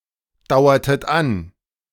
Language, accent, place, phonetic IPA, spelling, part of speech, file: German, Germany, Berlin, [ˌdaʊ̯ɐtət ˈan], dauertet an, verb, De-dauertet an.ogg
- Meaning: inflection of andauern: 1. second-person plural preterite 2. second-person plural subjunctive II